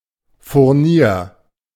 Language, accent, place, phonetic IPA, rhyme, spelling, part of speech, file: German, Germany, Berlin, [fʊʁˈniːɐ̯], -iːɐ̯, Furnier, noun, De-Furnier.ogg
- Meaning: veneer